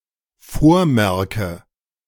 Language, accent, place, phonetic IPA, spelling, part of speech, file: German, Germany, Berlin, [ˈfoːɐ̯ˌmɛʁkə], vormerke, verb, De-vormerke.ogg
- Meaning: inflection of vormerken: 1. first-person singular dependent present 2. first/third-person singular dependent subjunctive I